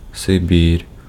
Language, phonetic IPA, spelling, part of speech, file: Ukrainian, [seˈbʲir], Сибір, proper noun, Uk-Сибір.ogg
- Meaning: Siberia (the region of Russia in Asia)